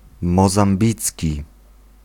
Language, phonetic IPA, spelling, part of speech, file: Polish, [ˌmɔzãmˈbʲit͡sʲci], mozambicki, adjective, Pl-mozambicki.ogg